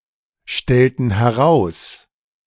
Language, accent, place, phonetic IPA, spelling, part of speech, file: German, Germany, Berlin, [ˌʃtɛltn̩ hɛˈʁaʊ̯s], stellten heraus, verb, De-stellten heraus.ogg
- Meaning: inflection of herausstellen: 1. first/third-person plural preterite 2. first/third-person plural subjunctive II